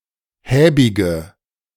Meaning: inflection of häbig: 1. strong/mixed nominative/accusative feminine singular 2. strong nominative/accusative plural 3. weak nominative all-gender singular 4. weak accusative feminine/neuter singular
- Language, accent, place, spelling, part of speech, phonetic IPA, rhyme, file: German, Germany, Berlin, häbige, adjective, [ˈhɛːbɪɡə], -ɛːbɪɡə, De-häbige.ogg